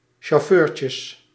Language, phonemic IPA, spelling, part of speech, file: Dutch, /ʃoˈførcəs/, chauffeurtjes, noun, Nl-chauffeurtjes.ogg
- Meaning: plural of chauffeurtje